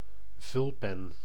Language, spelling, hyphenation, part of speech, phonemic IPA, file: Dutch, vulpen, vul‧pen, noun, /ˈvʏl.pɛn/, Nl-vulpen.ogg
- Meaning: fountain pen